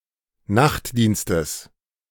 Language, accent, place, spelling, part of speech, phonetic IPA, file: German, Germany, Berlin, Nachtdienstes, noun, [ˈnaxtˌdiːnstəs], De-Nachtdienstes.ogg
- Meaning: genitive singular of Nachtdienst